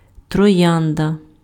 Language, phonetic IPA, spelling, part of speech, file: Ukrainian, [trɔˈjandɐ], троянда, noun, Uk-троянда.ogg
- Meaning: rose